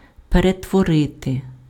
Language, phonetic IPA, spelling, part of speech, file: Ukrainian, [peretwɔˈrɪte], перетворити, verb, Uk-перетворити.ogg
- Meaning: to transform, to convert, to transmute, to transfigure, to turn (:something into something else)